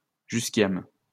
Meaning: henbane
- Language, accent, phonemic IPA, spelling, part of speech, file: French, France, /ʒys.kjam/, jusquiame, noun, LL-Q150 (fra)-jusquiame.wav